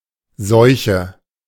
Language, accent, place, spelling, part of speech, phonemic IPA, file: German, Germany, Berlin, Seuche, noun, /ˈzɔʏ̯çə/, De-Seuche.ogg
- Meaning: 1. a disease, usually infectious, that is seen as dangerous and destructive (be it to people, animals, or plants) 2. an epidemic of such a disease 3. bad luck, especially as a streak